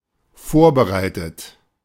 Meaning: 1. past participle of vorbereiten 2. inflection of vorbereiten: third-person singular dependent present 3. inflection of vorbereiten: second-person plural dependent present
- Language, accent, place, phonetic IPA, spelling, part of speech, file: German, Germany, Berlin, [ˈfoːɐ̯bəˌʁaɪ̯tət], vorbereitet, verb, De-vorbereitet.ogg